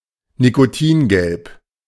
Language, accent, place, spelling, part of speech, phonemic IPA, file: German, Germany, Berlin, nikotingelb, adjective, /nikoˈtiːnˌɡɛlp/, De-nikotingelb.ogg
- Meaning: nicotine-rich, high-nicotine